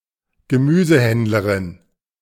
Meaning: female greengrocer
- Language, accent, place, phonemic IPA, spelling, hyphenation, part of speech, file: German, Germany, Berlin, /ɡəˈmyːzəˌhɛndləʁɪn/, Gemüsehändlerin, Ge‧mü‧se‧händ‧le‧rin, noun, De-Gemüsehändlerin.ogg